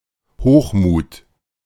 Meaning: arrogance, hubris
- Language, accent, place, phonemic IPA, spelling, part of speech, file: German, Germany, Berlin, /ˈhoːχˌmuːt/, Hochmut, noun, De-Hochmut.ogg